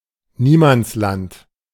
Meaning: no man's land
- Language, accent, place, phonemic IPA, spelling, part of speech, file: German, Germany, Berlin, /ˈniːmant͡sˌlant/, Niemandsland, noun, De-Niemandsland.ogg